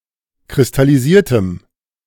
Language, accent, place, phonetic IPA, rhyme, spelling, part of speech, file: German, Germany, Berlin, [kʁɪstaliˈziːɐ̯təm], -iːɐ̯təm, kristallisiertem, adjective, De-kristallisiertem.ogg
- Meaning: strong dative masculine/neuter singular of kristallisiert